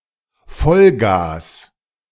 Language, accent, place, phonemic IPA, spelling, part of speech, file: German, Germany, Berlin, /ˈfɔlɡaːs/, Vollgas, noun, De-Vollgas.ogg
- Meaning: full throttle